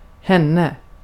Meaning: her; object form of hon (=she)
- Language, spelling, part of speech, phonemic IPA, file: Swedish, henne, pronoun, /ˈhɛnːɛ/, Sv-henne.ogg